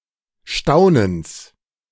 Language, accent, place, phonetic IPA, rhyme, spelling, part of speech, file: German, Germany, Berlin, [ˈʃtaʊ̯nəns], -aʊ̯nəns, Staunens, noun, De-Staunens.ogg
- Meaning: genitive singular of Staunen